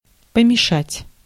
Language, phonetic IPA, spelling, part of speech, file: Russian, [pəmʲɪˈʂatʲ], помешать, verb, Ru-помешать.ogg
- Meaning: 1. to disturb, to hinder, to impede 2. to stir; to mix, to mix up, to mingle, to blend, (something for some time) 3. to shuffle (playing cards)